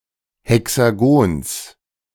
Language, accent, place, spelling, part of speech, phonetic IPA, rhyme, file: German, Germany, Berlin, Hexagons, noun, [hɛksaˈɡoːns], -oːns, De-Hexagons.ogg
- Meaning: genitive singular of Hexagon